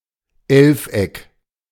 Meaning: hendecagon, undecagon
- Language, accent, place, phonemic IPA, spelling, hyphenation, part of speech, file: German, Germany, Berlin, /ˈɛlfˌ.ɛk/, Elfeck, Elf‧eck, noun, De-Elfeck.ogg